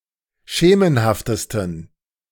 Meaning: 1. superlative degree of schemenhaft 2. inflection of schemenhaft: strong genitive masculine/neuter singular superlative degree
- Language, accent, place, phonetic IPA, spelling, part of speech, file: German, Germany, Berlin, [ˈʃeːmənhaftəstn̩], schemenhaftesten, adjective, De-schemenhaftesten.ogg